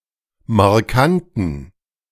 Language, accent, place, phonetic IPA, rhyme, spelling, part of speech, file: German, Germany, Berlin, [maʁˈkantn̩], -antn̩, markanten, adjective, De-markanten.ogg
- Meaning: inflection of markant: 1. strong genitive masculine/neuter singular 2. weak/mixed genitive/dative all-gender singular 3. strong/weak/mixed accusative masculine singular 4. strong dative plural